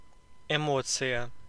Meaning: emotion, feeling
- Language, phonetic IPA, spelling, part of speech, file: Russian, [ɪˈmot͡sɨjə], эмоция, noun, Ru-эмоция.oga